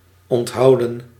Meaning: 1. to keep in mind, to remember 2. to carry 3. to retain, to withhold 4. to deny 5. to abstain 6. past participle of onthouden
- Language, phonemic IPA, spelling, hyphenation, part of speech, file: Dutch, /ˌɔntˈɦɑu̯.də(n)/, onthouden, ont‧hou‧den, verb, Nl-onthouden.ogg